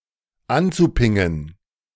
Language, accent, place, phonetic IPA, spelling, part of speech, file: German, Germany, Berlin, [ˈant͡suˌpɪŋən], anzupingen, verb, De-anzupingen.ogg
- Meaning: zu-infinitive of anpingen